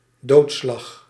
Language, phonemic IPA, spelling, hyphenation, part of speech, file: Dutch, /ˈdoːt.slɑx/, doodslag, dood‧slag, noun, Nl-doodslag.ogg
- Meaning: manslaughter (act of killing unlawfully)